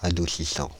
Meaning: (verb) present participle of adoucir; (adjective) 1. mild, balmy 2. softening; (noun) 1. demulcent 2. fabric softener
- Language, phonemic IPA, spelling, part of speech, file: French, /a.du.si.sɑ̃/, adoucissant, verb / adjective / noun, Fr-adoucissant.ogg